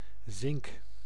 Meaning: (noun) zinc; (verb) inflection of zinken: 1. first-person singular present indicative 2. second-person singular present indicative 3. imperative
- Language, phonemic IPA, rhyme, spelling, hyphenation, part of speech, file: Dutch, /zɪŋk/, -ɪŋk, zink, zink, noun / verb, Nl-zink.ogg